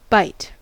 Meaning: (verb) 1. To cut into something by clamping the teeth 2. To hold something by clamping one's teeth 3. To attack with the teeth 4. To behave aggressively; to reject advances
- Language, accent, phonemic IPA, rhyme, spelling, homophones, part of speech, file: English, US, /baɪt/, -aɪt, bite, bight / by't / byte, verb / noun, En-us-bite.ogg